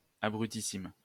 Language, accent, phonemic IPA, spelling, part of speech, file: French, France, /a.bʁy.ti.sim/, abrutissime, adjective, LL-Q150 (fra)-abrutissime.wav
- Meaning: superlative degree of abruti: Very, or most stupid